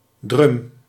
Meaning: drum, usually one belonging to a drum kit
- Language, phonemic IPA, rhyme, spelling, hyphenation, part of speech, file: Dutch, /drʏm/, -ʏm, drum, drum, noun, Nl-drum.ogg